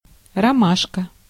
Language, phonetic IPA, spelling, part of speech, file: Russian, [rɐˈmaʂkə], ромашка, noun, Ru-ромашка.ogg
- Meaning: camomile, mayweed, Matricaria